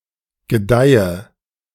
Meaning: inflection of gedeihen: 1. first-person singular present 2. first/third-person singular subjunctive I 3. singular imperative
- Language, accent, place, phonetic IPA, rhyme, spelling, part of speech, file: German, Germany, Berlin, [ɡəˈdaɪ̯ə], -aɪ̯ə, gedeihe, verb, De-gedeihe.ogg